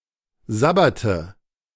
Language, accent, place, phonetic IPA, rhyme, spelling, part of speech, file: German, Germany, Berlin, [ˈzabatə], -atə, Sabbate, noun, De-Sabbate.ogg
- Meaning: nominative/accusative/genitive plural of Sabbat